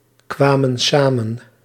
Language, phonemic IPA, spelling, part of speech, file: Dutch, /ˈkwamə(n) ˈsamə(n)/, kwamen samen, verb, Nl-kwamen samen.ogg
- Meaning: inflection of samenkomen: 1. plural past indicative 2. plural past subjunctive